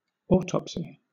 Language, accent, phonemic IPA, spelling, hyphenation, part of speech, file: English, Southern England, /ˈɔː.tɒp.si/, autopsy, au‧top‧sy, noun / verb, LL-Q1860 (eng)-autopsy.wav
- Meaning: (noun) 1. A dissection performed on a cadaver to find possible cause(s) of death 2. An after-the-fact examination, especially of the causes of a failure